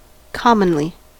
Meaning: 1. As a rule; frequently; usually 2. In common; familiarly
- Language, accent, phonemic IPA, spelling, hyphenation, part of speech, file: English, US, /ˈkɑmənli/, commonly, com‧mon‧ly, adverb, En-us-commonly.ogg